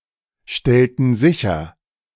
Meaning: inflection of sicherstellen: 1. first/third-person plural preterite 2. first/third-person plural subjunctive II
- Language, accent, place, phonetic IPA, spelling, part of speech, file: German, Germany, Berlin, [ˌʃtɛltn̩ ˈzɪçɐ], stellten sicher, verb, De-stellten sicher.ogg